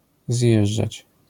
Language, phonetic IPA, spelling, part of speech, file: Polish, [ˈzʲjɛʒd͡ʒat͡ɕ], zjeżdżać, verb, LL-Q809 (pol)-zjeżdżać.wav